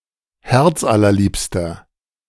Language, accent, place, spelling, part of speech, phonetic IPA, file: German, Germany, Berlin, herzallerliebster, adjective, [ˈhɛʁt͡sʔalɐˌliːpstɐ], De-herzallerliebster.ogg
- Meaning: inflection of herzallerliebst: 1. strong/mixed nominative masculine singular 2. strong genitive/dative feminine singular 3. strong genitive plural